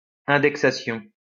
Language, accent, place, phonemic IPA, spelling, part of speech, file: French, France, Lyon, /ɛ̃.dɛk.sa.sjɔ̃/, indexation, noun, LL-Q150 (fra)-indexation.wav
- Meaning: 1. indexation 2. indexing